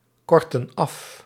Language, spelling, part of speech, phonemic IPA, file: Dutch, korten af, verb, /ˈkɔrtə(n) ˈɑf/, Nl-korten af.ogg
- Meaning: inflection of afkorten: 1. plural present indicative 2. plural present subjunctive